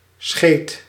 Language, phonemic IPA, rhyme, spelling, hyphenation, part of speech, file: Dutch, /sxeːt/, -eːt, scheet, scheet, noun / verb, Nl-scheet.ogg
- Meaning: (noun) 1. fart 2. a windy quantity, a bit; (verb) singular past indicative of schijten